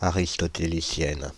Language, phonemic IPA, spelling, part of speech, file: French, /a.ʁis.tɔ.te.li.sjɛn/, aristotélicienne, adjective, Fr-aristotélicienne.ogg
- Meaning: feminine singular of aristotélicien